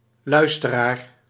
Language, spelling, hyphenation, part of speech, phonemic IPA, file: Dutch, luisteraar, luis‧te‧raar, noun, /ˈlœy̯.stəˌraːr/, Nl-luisteraar.ogg
- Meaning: listener